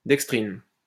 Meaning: dextrin
- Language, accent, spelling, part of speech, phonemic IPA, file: French, France, dextrine, noun, /dɛk.stʁin/, LL-Q150 (fra)-dextrine.wav